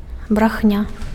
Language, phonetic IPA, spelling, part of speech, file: Belarusian, [braxˈnʲa], брахня, noun, Be-брахня.ogg
- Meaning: 1. bark (sound uttered by a dog) 2. lie, lies (intentionally false statement)